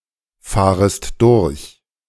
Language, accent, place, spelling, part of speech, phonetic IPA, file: German, Germany, Berlin, fahrest durch, verb, [ˌfaːʁəst ˈdʊʁç], De-fahrest durch.ogg
- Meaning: second-person singular subjunctive I of durchfahren